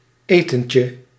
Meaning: diminutive of eten
- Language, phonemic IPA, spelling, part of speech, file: Dutch, /ˈetəɲcə/, etentje, noun, Nl-etentje.ogg